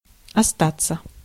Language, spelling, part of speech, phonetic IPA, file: Russian, остаться, verb, [ɐˈstat͡sːə], Ru-остаться.ogg
- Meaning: 1. to remain, to stay 2. to be left